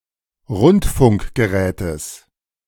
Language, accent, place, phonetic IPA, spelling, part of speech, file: German, Germany, Berlin, [ˈʁʊntfʊŋkɡəˌʁɛːtəs], Rundfunkgerätes, noun, De-Rundfunkgerätes.ogg
- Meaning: genitive singular of Rundfunkgerät